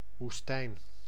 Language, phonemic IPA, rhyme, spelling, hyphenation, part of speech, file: Dutch, /ʋusˈtɛi̯n/, -ɛi̯n, woestijn, woes‧tijn, noun, Nl-woestijn.ogg
- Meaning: desert (environmental area with very little precipitation)